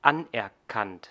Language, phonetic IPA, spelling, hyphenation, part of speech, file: German, [ˈanʔɛɐ̯ˌkant], anerkannt, an‧er‧kannt, verb / adjective, De-anerkannt.ogg
- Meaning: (verb) past participle of anerkennen; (adjective) recognized, accepted